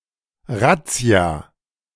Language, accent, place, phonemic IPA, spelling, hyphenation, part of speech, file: German, Germany, Berlin, /ˈratsi̯a/, Razzia, Raz‧zia, noun, De-Razzia.ogg
- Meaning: police raid